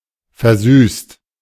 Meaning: 1. past participle of versüßen 2. inflection of versüßen: second-person singular/plural present 3. inflection of versüßen: third-person singular present 4. inflection of versüßen: plural imperative
- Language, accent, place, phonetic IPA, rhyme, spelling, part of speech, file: German, Germany, Berlin, [fɛɐ̯ˈzyːst], -yːst, versüßt, verb, De-versüßt.ogg